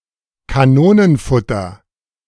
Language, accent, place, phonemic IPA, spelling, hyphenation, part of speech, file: German, Germany, Berlin, /kaˈnoːnənˌfʊtɐ/, Kanonenfutter, Ka‧no‧nen‧fut‧ter, noun, De-Kanonenfutter.ogg
- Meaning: cannon fodder